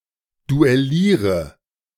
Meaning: inflection of duellieren: 1. first-person singular present 2. first/third-person singular subjunctive I 3. singular imperative
- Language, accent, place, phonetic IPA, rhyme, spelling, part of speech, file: German, Germany, Berlin, [duɛˈliːʁə], -iːʁə, duelliere, verb, De-duelliere.ogg